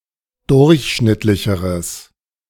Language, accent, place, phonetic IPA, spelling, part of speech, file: German, Germany, Berlin, [ˈdʊʁçˌʃnɪtlɪçəʁəs], durchschnittlicheres, adjective, De-durchschnittlicheres.ogg
- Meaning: strong/mixed nominative/accusative neuter singular comparative degree of durchschnittlich